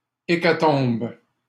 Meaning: 1. hecatomb (sacrifice to the gods, originally of a hundred oxen) 2. bloodbath 3. mass destruction (destruction of a huge quantity of things)
- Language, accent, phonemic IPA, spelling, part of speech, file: French, Canada, /e.ka.tɔ̃b/, hécatombe, noun, LL-Q150 (fra)-hécatombe.wav